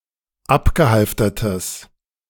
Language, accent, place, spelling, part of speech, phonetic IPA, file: German, Germany, Berlin, abgehalftertes, adjective, [ˈapɡəˌhalftɐtəs], De-abgehalftertes.ogg
- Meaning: strong/mixed nominative/accusative neuter singular of abgehalftert